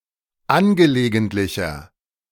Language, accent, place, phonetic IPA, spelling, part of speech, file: German, Germany, Berlin, [ˈanɡəleːɡəntlɪçɐ], angelegentlicher, adjective, De-angelegentlicher.ogg
- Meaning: 1. comparative degree of angelegentlich 2. inflection of angelegentlich: strong/mixed nominative masculine singular 3. inflection of angelegentlich: strong genitive/dative feminine singular